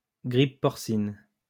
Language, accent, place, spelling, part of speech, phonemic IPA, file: French, France, Lyon, grippe porcine, noun, /ɡʁip pɔʁ.sin/, LL-Q150 (fra)-grippe porcine.wav
- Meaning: swine flu, swine influenza